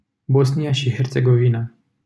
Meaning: Bosnia and Herzegovina (a country on the Balkan Peninsula in Southeastern Europe)
- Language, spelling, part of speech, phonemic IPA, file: Romanian, Bosnia și Herțegovina, proper noun, /ˈbos.ni.a ʃi her.tse.ɡoˈvi.na/, LL-Q7913 (ron)-Bosnia și Herțegovina.wav